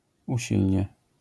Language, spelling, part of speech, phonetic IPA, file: Polish, usilnie, adverb, [uˈɕilʲɲɛ], LL-Q809 (pol)-usilnie.wav